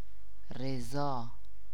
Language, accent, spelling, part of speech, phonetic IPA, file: Persian, Iran, رضا, noun / proper noun, [ɹe.ˈzɒː], Fa-رضا.ogg
- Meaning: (noun) 1. agreement 2. satisfaction 3. accord; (proper noun) a male given name, Riza, Rizā, Reza, Rezā, Raza, Razā, and Rizo, from Arabic, meaning “contentment, satisfaction”